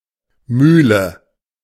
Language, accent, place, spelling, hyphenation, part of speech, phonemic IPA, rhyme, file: German, Germany, Berlin, Mühle, Müh‧le, noun, /ˈmyːlə/, -yːlə, De-Mühle.ogg
- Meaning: 1. mill, grinder (tool or apparatus for grinding) 2. mill (building where such an apparatus is used) 3. nine men's morris 4. old banger (old, rickety vehicle)